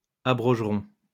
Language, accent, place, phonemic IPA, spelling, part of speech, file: French, France, Lyon, /a.bʁɔʒ.ʁɔ̃/, abrogerons, verb, LL-Q150 (fra)-abrogerons.wav
- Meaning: first-person plural simple future of abroger